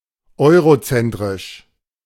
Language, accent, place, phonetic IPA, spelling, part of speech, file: German, Germany, Berlin, [ˈɔɪ̯ʁoˌt͡sɛntʁɪʃ], eurozentrisch, adjective, De-eurozentrisch.ogg
- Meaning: eurocentric